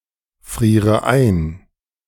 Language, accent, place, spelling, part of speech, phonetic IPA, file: German, Germany, Berlin, friere ein, verb, [ˌfʁiːʁə ˈaɪ̯n], De-friere ein.ogg
- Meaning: inflection of einfrieren: 1. first-person singular present 2. first/third-person singular subjunctive I 3. singular imperative